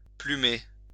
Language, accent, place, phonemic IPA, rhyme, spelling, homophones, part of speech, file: French, France, Lyon, /ply.me/, -e, plumer, plumé / plumée / plumées / plumés, verb, LL-Q150 (fra)-plumer.wav
- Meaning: 1. to pluck the feathers off 2. to swindle or cheat out of 3. to desquamate; to have the skin peel off